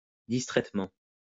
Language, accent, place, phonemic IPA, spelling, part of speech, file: French, France, Lyon, /dis.tʁɛt.mɑ̃/, distraitement, adverb, LL-Q150 (fra)-distraitement.wav
- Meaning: absent-mindedly